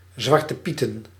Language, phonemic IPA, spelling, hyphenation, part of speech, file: Dutch, /ˌzʋɑr.təˈpi.tə(n)/, zwartepieten, zwar‧te‧pie‧ten, verb / noun, Nl-zwartepieten.ogg
- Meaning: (verb) 1. to pass the buck, to assign blame to each other 2. to play a certain card game similar to old maid; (noun) plural of zwartepiet